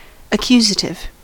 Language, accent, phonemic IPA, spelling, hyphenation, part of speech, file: English, US, /əˈkjuzətɪv/, accusative, ac‧cusa‧tive, adjective / noun, En-us-accusative.ogg
- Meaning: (adjective) Producing accusations; in a manner that reflects a finding of fault or blame